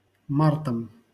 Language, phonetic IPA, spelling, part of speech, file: Russian, [ˈmartəm], мартом, noun, LL-Q7737 (rus)-мартом.wav
- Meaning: instrumental singular of март (mart)